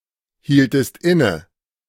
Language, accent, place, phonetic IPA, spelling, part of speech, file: German, Germany, Berlin, [ˌhiːltəst ˈɪnə], hieltest inne, verb, De-hieltest inne.ogg
- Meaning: inflection of innehalten: 1. second-person singular preterite 2. second-person singular subjunctive II